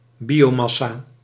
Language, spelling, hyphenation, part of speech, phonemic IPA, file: Dutch, biomassa, bio‧mas‧sa, noun, /ˈbi.oːˌmɑ.saː/, Nl-biomassa.ogg
- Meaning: 1. biomass (total mass of living things) 2. biomass (vegetation or other organic matter used as fuel)